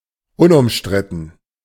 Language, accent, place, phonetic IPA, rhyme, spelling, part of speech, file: German, Germany, Berlin, [ʊnʔʊmˈʃtʁɪtn̩], -ɪtn̩, unumstritten, adjective, De-unumstritten.ogg
- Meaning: 1. uncontroversial 2. undisputed 3. indisputable